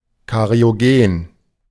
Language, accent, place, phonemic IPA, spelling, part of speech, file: German, Germany, Berlin, /kaʁi̯oˈɡeːn/, kariogen, adjective, De-kariogen.ogg
- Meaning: cariogenic